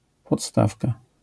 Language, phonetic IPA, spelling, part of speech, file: Polish, [pɔtˈstafka], podstawka, noun, LL-Q809 (pol)-podstawka.wav